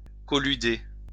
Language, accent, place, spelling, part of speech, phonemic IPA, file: French, France, Lyon, colluder, verb, /kɔ.ly.de/, LL-Q150 (fra)-colluder.wav
- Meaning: to collude